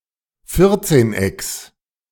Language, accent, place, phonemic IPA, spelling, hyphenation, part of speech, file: German, Germany, Berlin, /ˈfɪʁtseːnˌ.ɛks/, Vierzehnecks, Vier‧zehn‧ecks, noun, De-Vierzehnecks.ogg
- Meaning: genitive singular of Vierzehneck